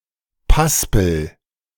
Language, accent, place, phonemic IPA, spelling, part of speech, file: German, Germany, Berlin, /ˈpaspl̩/, Paspel, noun, De-Paspel.ogg
- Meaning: piping, edging